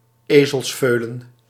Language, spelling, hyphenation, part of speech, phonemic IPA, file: Dutch, ezelsveulen, ezels‧veu‧len, noun, /ˈeː.zəlsˌføː.lə(n)/, Nl-ezelsveulen.ogg
- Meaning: 1. the foal (equine young) of a donkey 2. ass, utter idiot, hopeless fool